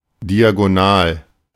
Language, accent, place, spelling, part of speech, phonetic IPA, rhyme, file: German, Germany, Berlin, diagonal, adjective, [diaɡoˈnaːl], -aːl, De-diagonal.ogg
- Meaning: diagonal